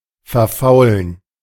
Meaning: to rot
- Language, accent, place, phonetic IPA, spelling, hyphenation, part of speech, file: German, Germany, Berlin, [fɛɐ̯ˈfaʊ̯lən], verfaulen, ver‧fau‧len, verb, De-verfaulen.ogg